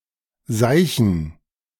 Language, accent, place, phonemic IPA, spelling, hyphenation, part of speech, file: German, Germany, Berlin, /ˈzaɪ̯çn̩/, seichen, sei‧chen, verb, De-seichen.ogg
- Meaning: 1. to urinate 2. to speak or write nonsense